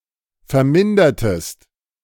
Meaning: inflection of vermindern: 1. second-person singular preterite 2. second-person singular subjunctive II
- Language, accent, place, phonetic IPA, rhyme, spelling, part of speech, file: German, Germany, Berlin, [fɛɐ̯ˈmɪndɐtəst], -ɪndɐtəst, vermindertest, verb, De-vermindertest.ogg